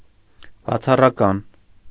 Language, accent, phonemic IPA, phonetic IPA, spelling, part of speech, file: Armenian, Eastern Armenian, /bɑt͡sʰɑrɑˈkɑn/, [bɑt͡sʰɑrɑkɑ́n], բացառական, adjective, Hy-բացառական.ogg
- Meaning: ablative